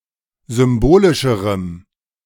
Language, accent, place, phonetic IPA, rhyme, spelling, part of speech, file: German, Germany, Berlin, [ˌzʏmˈboːlɪʃəʁəm], -oːlɪʃəʁəm, symbolischerem, adjective, De-symbolischerem.ogg
- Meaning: strong dative masculine/neuter singular comparative degree of symbolisch